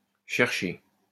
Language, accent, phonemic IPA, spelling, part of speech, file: French, France, /ʃɛʁ.ʃe/, cherchée, verb, LL-Q150 (fra)-cherchée.wav
- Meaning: feminine singular of cherché